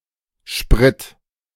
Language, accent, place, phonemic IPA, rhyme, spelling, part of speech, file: German, Germany, Berlin, /ʃpʁɪt/, -ɪt, Sprit, noun, De-Sprit.ogg
- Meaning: 1. gasoline, petrol 2. gasoline, petrol: fuel (for motor vehicles) 3. brandy, spirits 4. brandy, spirits: booze, any alcoholic drink